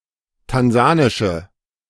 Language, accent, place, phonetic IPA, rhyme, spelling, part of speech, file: German, Germany, Berlin, [tanˈzaːnɪʃə], -aːnɪʃə, tansanische, adjective, De-tansanische.ogg
- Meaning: inflection of tansanisch: 1. strong/mixed nominative/accusative feminine singular 2. strong nominative/accusative plural 3. weak nominative all-gender singular